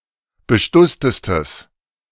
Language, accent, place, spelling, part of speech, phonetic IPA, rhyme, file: German, Germany, Berlin, bestusstestes, adjective, [bəˈʃtʊstəstəs], -ʊstəstəs, De-bestusstestes.ogg
- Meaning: strong/mixed nominative/accusative neuter singular superlative degree of bestusst